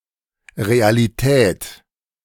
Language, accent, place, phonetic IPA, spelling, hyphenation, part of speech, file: German, Germany, Berlin, [ˌʁea̯liˈtʰɛːtʰ], Realität, Re‧a‧li‧tät, noun, De-Realität.ogg
- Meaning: 1. reality (state of being real) 2. reality, fact (that which is real) 3. dasein 4. real estate